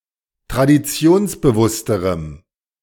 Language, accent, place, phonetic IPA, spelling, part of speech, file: German, Germany, Berlin, [tʁadiˈt͡si̯oːnsbəˌvʊstəʁəm], traditionsbewussterem, adjective, De-traditionsbewussterem.ogg
- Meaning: strong dative masculine/neuter singular comparative degree of traditionsbewusst